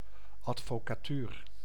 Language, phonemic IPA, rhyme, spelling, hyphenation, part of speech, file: Dutch, /ˌɑt.foː.kaːˈtyːr/, -yːr, advocatuur, ad‧vo‧ca‧tuur, noun, Nl-advocatuur.ogg
- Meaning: the lawyer profession, bar